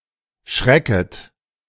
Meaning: second-person plural subjunctive I of schrecken
- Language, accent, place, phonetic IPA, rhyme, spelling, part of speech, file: German, Germany, Berlin, [ˈʃʁɛkət], -ɛkət, schrecket, verb, De-schrecket.ogg